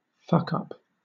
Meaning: 1. A serious mistake 2. One who continually makes mistakes; a person who fucks up a lot 3. A mentally or emotionally damaged person
- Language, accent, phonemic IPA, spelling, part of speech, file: English, Southern England, /ˈfʌkʌp/, fuckup, noun, LL-Q1860 (eng)-fuckup.wav